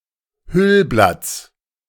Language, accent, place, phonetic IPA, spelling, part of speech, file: German, Germany, Berlin, [ˈhʏlblat͡s], Hüllblatts, noun, De-Hüllblatts.ogg
- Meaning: genitive singular of Hüllblatt